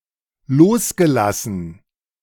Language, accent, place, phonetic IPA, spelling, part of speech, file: German, Germany, Berlin, [ˈloːsɡəˌlasn̩], losgelassen, verb, De-losgelassen.ogg
- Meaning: past participle of loslassen